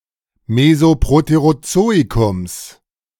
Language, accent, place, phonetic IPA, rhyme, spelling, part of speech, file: German, Germany, Berlin, [ˌmezoˌpʁoteʁoˈt͡soːikʊms], -oːikʊms, Mesoproterozoikums, noun, De-Mesoproterozoikums.ogg
- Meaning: genitive singular of Mesoproterozoikum